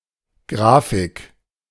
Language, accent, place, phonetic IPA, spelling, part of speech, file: German, Germany, Berlin, [ˈɡʁaːfɪk], Grafik, noun, De-Grafik.ogg
- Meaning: 1. graph 2. chart, diagram, graphic